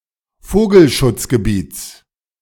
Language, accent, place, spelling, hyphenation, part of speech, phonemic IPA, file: German, Germany, Berlin, Vogelschutzgebiets, Vo‧gel‧schutz‧ge‧biets, noun, /ˈfoːɡl̩.ʃʊt͡s.ɡəˌbiːt͡s/, De-Vogelschutzgebiets.ogg
- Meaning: genitive singular of Vogelschutzgebiet